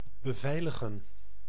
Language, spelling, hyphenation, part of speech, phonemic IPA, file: Dutch, beveiligen, be‧vei‧li‧gen, verb, /bəˈvɛi̯ləɣə(n)/, Nl-beveiligen.ogg
- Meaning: to protect, secure